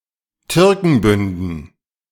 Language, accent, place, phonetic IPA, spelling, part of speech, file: German, Germany, Berlin, [ˈtʏʁkŋ̩bʏndn̩], Türkenbünden, noun, De-Türkenbünden.ogg
- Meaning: dative plural of Türkenbund